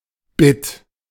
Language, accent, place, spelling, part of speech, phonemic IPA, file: German, Germany, Berlin, Bit, noun, /bɪt/, De-Bit.ogg
- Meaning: 1. bit (eighth of a dollar) 2. bit (binary digit) 3. bit (smallest unit of storage) 4. bit (datum that may take on one of exactly two values)